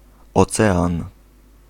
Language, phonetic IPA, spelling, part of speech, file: Polish, [ɔˈt͡sɛãn], ocean, noun, Pl-ocean.ogg